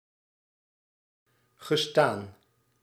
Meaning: past participle of staan
- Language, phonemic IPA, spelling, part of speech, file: Dutch, /ɣəˈstan/, gestaan, verb, Nl-gestaan.ogg